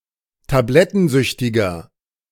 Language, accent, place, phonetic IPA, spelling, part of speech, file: German, Germany, Berlin, [taˈblɛtn̩ˌzʏçtɪɡɐ], tablettensüchtiger, adjective, De-tablettensüchtiger.ogg
- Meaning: inflection of tablettensüchtig: 1. strong/mixed nominative masculine singular 2. strong genitive/dative feminine singular 3. strong genitive plural